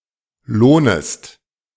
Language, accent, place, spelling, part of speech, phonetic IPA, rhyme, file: German, Germany, Berlin, lohnest, verb, [ˈloːnəst], -oːnəst, De-lohnest.ogg
- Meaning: second-person singular subjunctive I of lohnen